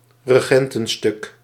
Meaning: group portrait of regents
- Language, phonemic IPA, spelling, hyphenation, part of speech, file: Dutch, /rəˈɣɛn.tə(n)ˌstʏk/, regentenstuk, re‧gen‧ten‧stuk, noun, Nl-regentenstuk.ogg